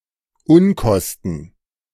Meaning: side costs that must be added to the estimated main costs or deduced from a profit; costs that only indirectly serve the purpose of the undertaking; overhead
- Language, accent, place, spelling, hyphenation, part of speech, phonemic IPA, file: German, Germany, Berlin, Unkosten, Un‧kos‧ten, noun, /ˈʊnˌkɔstən/, De-Unkosten.ogg